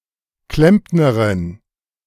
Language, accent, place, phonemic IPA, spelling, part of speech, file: German, Germany, Berlin, /ˈklɛmpnɐʁɪn/, Klempnerin, noun, De-Klempnerin.ogg
- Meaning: female equivalent of Klempner (“plumber”)